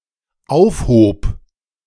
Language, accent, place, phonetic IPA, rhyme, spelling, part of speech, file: German, Germany, Berlin, [ˈaʊ̯fˌhoːp], -aʊ̯fhoːp, aufhob, verb, De-aufhob.ogg
- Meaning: first/third-person singular dependent preterite of aufheben